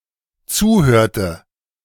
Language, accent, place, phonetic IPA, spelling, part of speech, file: German, Germany, Berlin, [ˈt͡suːˌhøːɐ̯tə], zuhörte, verb, De-zuhörte.ogg
- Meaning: inflection of zuhören: 1. first/third-person singular dependent preterite 2. first/third-person singular dependent subjunctive II